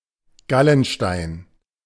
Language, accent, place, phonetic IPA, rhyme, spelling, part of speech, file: German, Germany, Berlin, [ˈɡalənˌʃtaɪ̯n], -alənʃtaɪ̯n, Gallenstein, noun, De-Gallenstein.ogg
- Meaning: gallstone